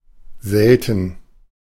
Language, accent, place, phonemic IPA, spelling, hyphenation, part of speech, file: German, Germany, Berlin, /ˈzɛltən/, selten, sel‧ten, adjective / adverb, De-selten.ogg
- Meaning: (adjective) 1. rare, infrequent, uncommon, scarce 2. unusual, curious; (adverb) 1. seldom; rarely 2. unusually; extremely